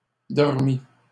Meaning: past participle of dormir
- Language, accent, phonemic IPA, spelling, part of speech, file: French, Canada, /dɔʁ.mi/, dormi, verb, LL-Q150 (fra)-dormi.wav